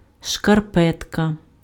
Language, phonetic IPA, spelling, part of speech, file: Ukrainian, [ʃkɐrˈpɛtkɐ], шкарпетка, noun, Uk-шкарпетка.ogg
- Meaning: sock (covering for the foot)